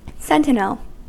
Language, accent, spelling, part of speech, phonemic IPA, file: English, US, sentinel, noun / verb, /ˈsɛn.tɪ.nəl/, En-us-sentinel.ogg
- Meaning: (noun) 1. A sentry, watch, or guard 2. A private soldier 3. A unique value recognised by a computer program for processing in a special way, or marking the end of a set of data 4. A sentinel crab